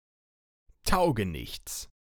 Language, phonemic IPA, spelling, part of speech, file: German, /ˈtaʊ̯ɡənɪçts/, Taugenichts, noun, De-Taugenichts.ogg
- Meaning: good-for-nothing